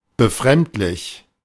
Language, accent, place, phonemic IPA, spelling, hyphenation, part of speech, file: German, Germany, Berlin, /bəˈfʁɛmtlɪç/, befremdlich, be‧fremd‧lich, adjective, De-befremdlich.ogg
- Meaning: strange, surprising, disconcerting, disturbing